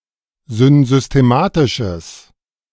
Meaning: strong/mixed nominative/accusative neuter singular of synsystematisch
- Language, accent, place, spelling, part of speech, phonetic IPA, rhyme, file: German, Germany, Berlin, synsystematisches, adjective, [zʏnzʏsteˈmaːtɪʃəs], -aːtɪʃəs, De-synsystematisches.ogg